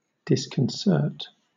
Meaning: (verb) 1. To upset the composure of; to startle 2. To bring into confusion 3. To frustrate, discomfit; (noun) A state of disunion
- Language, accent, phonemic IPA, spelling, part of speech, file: English, Southern England, /ˌdɪskənˈsɜːt/, disconcert, verb / noun, LL-Q1860 (eng)-disconcert.wav